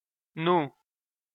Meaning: 1. the name of the Armenian letter ն (n) 2. daughter-in-law 3. sister-in-law (brother's wife)
- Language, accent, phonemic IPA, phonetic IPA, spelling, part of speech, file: Armenian, Eastern Armenian, /nu/, [nu], նու, noun, Hy-նու.ogg